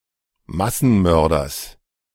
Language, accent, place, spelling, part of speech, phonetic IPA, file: German, Germany, Berlin, Massenmörders, noun, [ˈmasn̩ˌmœʁdɐs], De-Massenmörders.ogg
- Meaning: genitive singular of Massenmörder